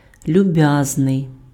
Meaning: 1. kind (benevolent, considerate) 2. obliging (ready to help) 3. amiable, affable
- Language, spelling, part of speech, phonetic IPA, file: Ukrainian, люб'язний, adjective, [lʲʊˈbjaznei̯], Uk-люб'язний.ogg